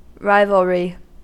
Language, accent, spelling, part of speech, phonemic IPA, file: English, US, rivalry, noun, /ˈɹaɪ.vəl.ɹi/, En-us-rivalry.ogg
- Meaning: 1. An ongoing relationship between (usually two) rivals who compete for superiority 2. The characteristic of being a rivalrous good, such that it can be consumed or used by only one person at a time